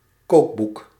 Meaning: a cookbook, a recipe book (book of culinary recipes)
- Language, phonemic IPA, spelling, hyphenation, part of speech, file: Dutch, /ˈkoːk.buk/, kookboek, kook‧boek, noun, Nl-kookboek.ogg